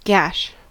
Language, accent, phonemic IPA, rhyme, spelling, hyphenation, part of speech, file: English, US, /ɡæʃ/, -æʃ, gash, gash, noun / verb / adjective, En-us-gash.ogg
- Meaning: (noun) 1. A deep cut 2. A vulva 3. A woman; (verb) To make a deep, long cut; to slash; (noun) 1. Rubbish, particularly on board a ship or aircraft 2. Nonsense 3. Something low quality